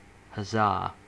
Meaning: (interjection) 1. Used as a call for coordinated physical effort, as in hoisting 2. Used as a cheer indicating exaltation, enjoyment, or approval
- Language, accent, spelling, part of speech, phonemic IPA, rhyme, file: English, US, huzzah, interjection / noun / verb, /həˈzɑː/, -ɑː, En-us-huzzah.ogg